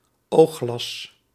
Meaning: monocle
- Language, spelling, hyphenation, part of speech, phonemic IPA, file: Dutch, oogglas, oog‧glas, noun, /ˈoː.xlɑs/, Nl-oogglas.ogg